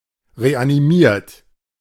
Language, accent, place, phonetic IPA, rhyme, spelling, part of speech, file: German, Germany, Berlin, [ʁeʔaniˈmiːɐ̯t], -iːɐ̯t, reanimiert, verb, De-reanimiert.ogg
- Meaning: 1. past participle of reanimieren 2. inflection of reanimieren: third-person singular present 3. inflection of reanimieren: second-person plural present 4. inflection of reanimieren: plural imperative